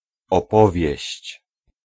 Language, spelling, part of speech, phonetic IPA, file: Polish, opowieść, noun, [ɔˈpɔvʲjɛ̇ɕt͡ɕ], Pl-opowieść.ogg